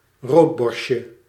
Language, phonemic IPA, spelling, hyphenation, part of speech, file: Dutch, /ˈroːtˌbɔrst.jə/, roodborstje, rood‧borst‧je, noun, Nl-roodborstje.ogg
- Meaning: diminutive of roodborst